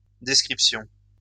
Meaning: plural of description
- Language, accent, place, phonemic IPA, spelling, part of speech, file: French, France, Lyon, /dɛs.kʁip.sjɔ̃/, descriptions, noun, LL-Q150 (fra)-descriptions.wav